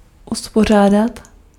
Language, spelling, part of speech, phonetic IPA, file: Czech, uspořádat, verb, [ˈuspor̝aːdat], Cs-uspořádat.ogg
- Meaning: 1. to organize (of an event like conference) 2. to order